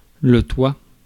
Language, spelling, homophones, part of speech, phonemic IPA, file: French, toit, toi / toua / touas, noun, /twa/, Fr-toit.ogg
- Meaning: roof